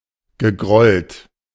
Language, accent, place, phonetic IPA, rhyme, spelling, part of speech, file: German, Germany, Berlin, [ɡəˈɡʁɔlt], -ɔlt, gegrollt, verb, De-gegrollt.ogg
- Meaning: past participle of grollen